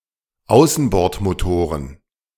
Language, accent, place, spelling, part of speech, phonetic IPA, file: German, Germany, Berlin, Außenbordmotoren, noun, [ˈaʊ̯sn̩bɔʁtmoˌtoːʁən], De-Außenbordmotoren.ogg
- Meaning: plural of Außenbordmotor